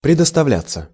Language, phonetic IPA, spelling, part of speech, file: Russian, [prʲɪdəstɐˈvlʲat͡sːə], предоставляться, verb, Ru-предоставляться.ogg
- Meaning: 1. to be allowed, to be permitted 2. to be provided 3. passive of предоставля́ть (predostavljátʹ)